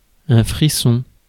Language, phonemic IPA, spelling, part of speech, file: French, /fʁi.sɔ̃/, frisson, noun, Fr-frisson.ogg
- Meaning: 1. a shiver caused by cold or fever 2. a shiver or thrill of fright that can be strangely pleasurable, as when reading good horror fiction 3. an experience of intense excitement